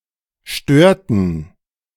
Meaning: inflection of stören: 1. first/third-person plural preterite 2. first/third-person plural subjunctive II
- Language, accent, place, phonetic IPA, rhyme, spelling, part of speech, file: German, Germany, Berlin, [ˈʃtøːɐ̯tn̩], -øːɐ̯tn̩, störten, verb, De-störten.ogg